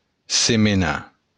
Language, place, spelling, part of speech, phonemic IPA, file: Occitan, Béarn, semenar, verb, /semeˈna/, LL-Q14185 (oci)-semenar.wav
- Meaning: to sow